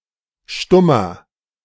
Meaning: mute person
- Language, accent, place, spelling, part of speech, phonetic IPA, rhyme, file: German, Germany, Berlin, Stummer, noun / proper noun, [ˈʃtʊmɐ], -ʊmɐ, De-Stummer.ogg